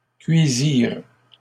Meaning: third-person plural past historic of cuire
- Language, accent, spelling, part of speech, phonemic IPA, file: French, Canada, cuisirent, verb, /kɥi.ziʁ/, LL-Q150 (fra)-cuisirent.wav